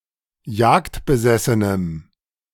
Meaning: strong dative masculine/neuter singular of jagdbesessen
- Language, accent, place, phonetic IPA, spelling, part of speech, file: German, Germany, Berlin, [ˈjaːktbəˌzɛsənəm], jagdbesessenem, adjective, De-jagdbesessenem.ogg